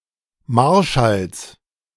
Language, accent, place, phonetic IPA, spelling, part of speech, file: German, Germany, Berlin, [ˈmaʁˌʃals], Marschalls, noun, De-Marschalls.ogg
- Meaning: genitive of Marschall